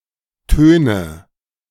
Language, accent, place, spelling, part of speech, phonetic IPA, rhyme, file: German, Germany, Berlin, töne, verb, [ˈtøːnə], -øːnə, De-töne.ogg
- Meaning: inflection of tönen: 1. first-person singular present 2. first/third-person singular subjunctive I 3. singular imperative